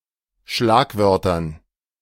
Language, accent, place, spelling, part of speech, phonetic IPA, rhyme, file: German, Germany, Berlin, Schlagwörtern, noun, [ˈʃlaːkˌvœʁtɐn], -aːkvœʁtɐn, De-Schlagwörtern.ogg
- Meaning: dative plural of Schlagwort